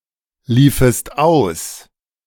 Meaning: second-person singular subjunctive II of auslaufen
- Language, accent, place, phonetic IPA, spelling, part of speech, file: German, Germany, Berlin, [ˌliːfəst ˈaʊ̯s], liefest aus, verb, De-liefest aus.ogg